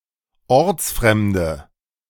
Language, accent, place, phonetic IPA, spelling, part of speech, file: German, Germany, Berlin, [ˈɔʁt͡sˌfʁɛmdə], ortsfremde, adjective, De-ortsfremde.ogg
- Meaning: inflection of ortsfremd: 1. strong/mixed nominative/accusative feminine singular 2. strong nominative/accusative plural 3. weak nominative all-gender singular